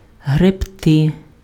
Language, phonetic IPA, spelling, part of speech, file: Ukrainian, [ɦrebˈtɪ], гребти, verb, Uk-гребти.ogg
- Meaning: 1. to row, to scull 2. to rake